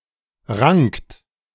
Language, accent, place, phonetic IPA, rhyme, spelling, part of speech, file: German, Germany, Berlin, [ʁaŋkt], -aŋkt, rankt, verb, De-rankt.ogg
- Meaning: inflection of ranken: 1. second-person plural present 2. third-person singular present 3. plural imperative